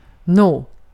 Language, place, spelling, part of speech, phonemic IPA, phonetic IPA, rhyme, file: Swedish, Gotland, nå, verb / interjection / adverb, /noː/, [noə̯], -oː, Sv-nå.ogg
- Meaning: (verb) to reach, attain; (interjection) 1. well? (encouragement to actually provide an answer or reaction to a question) 2. well (used to acknowledge a statement or situation)